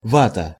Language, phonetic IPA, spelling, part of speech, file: Russian, [ˈvatə], вата, noun, Ru-вата.ogg
- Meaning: 1. absorbent cotton, cotton wool, wadding, batting 2. drugstore cotton 3. glass wool 4. Russian nationalists (compare ватник)